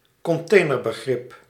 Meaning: catch-all term
- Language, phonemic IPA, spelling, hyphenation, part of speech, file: Dutch, /kɔnˈteː.nər.bəˌɣrɪp/, containerbegrip, con‧tai‧ner‧be‧grip, noun, Nl-containerbegrip.ogg